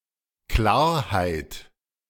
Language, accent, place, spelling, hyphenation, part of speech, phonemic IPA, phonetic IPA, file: German, Germany, Berlin, Klarheit, Klar‧heit, noun, /ˈklaːrhaɪ̯t/, [ˈklaːɐ̯haɪ̯t], De-Klarheit.ogg
- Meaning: 1. clarity 2. brightness, glory 3. lucidity 4. serenity 5. clarification